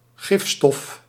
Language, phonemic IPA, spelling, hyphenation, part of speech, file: Dutch, /ˈɣɪf.stɔf/, gifstof, gif‧stof, noun, Nl-gifstof.ogg
- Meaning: toxin, toxic substance